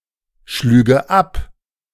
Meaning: first/third-person singular subjunctive II of abschlagen
- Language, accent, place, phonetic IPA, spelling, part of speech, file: German, Germany, Berlin, [ˌʃlyːɡə ˈap], schlüge ab, verb, De-schlüge ab.ogg